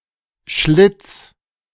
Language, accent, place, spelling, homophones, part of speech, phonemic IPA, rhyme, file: German, Germany, Berlin, Schlitz, schlitz, noun, /ʃlɪt͡s/, -ɪt͡s, De-Schlitz.ogg
- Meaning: 1. slit, slash 2. groove